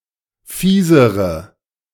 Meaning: inflection of fies: 1. strong/mixed nominative/accusative feminine singular comparative degree 2. strong nominative/accusative plural comparative degree
- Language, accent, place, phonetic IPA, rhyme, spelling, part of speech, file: German, Germany, Berlin, [ˈfiːzəʁə], -iːzəʁə, fiesere, adjective, De-fiesere.ogg